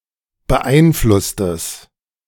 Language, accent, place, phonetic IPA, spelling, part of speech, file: German, Germany, Berlin, [bəˈʔaɪ̯nˌflʊstəs], beeinflusstes, adjective, De-beeinflusstes.ogg
- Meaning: strong/mixed nominative/accusative neuter singular of beeinflusst